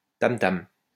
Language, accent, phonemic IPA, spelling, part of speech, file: French, France, /tam.tam/, tam-tam, noun, LL-Q150 (fra)-tam-tam.wav
- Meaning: tam-tam